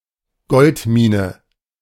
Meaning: goldmine, gold mine
- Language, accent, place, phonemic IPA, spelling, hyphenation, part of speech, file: German, Germany, Berlin, /ˈɡɔltˌmiːnə/, Goldmine, Gold‧mi‧ne, noun, De-Goldmine.ogg